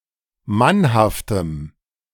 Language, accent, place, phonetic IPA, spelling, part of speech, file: German, Germany, Berlin, [ˈmanhaftəm], mannhaftem, adjective, De-mannhaftem.ogg
- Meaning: strong dative masculine/neuter singular of mannhaft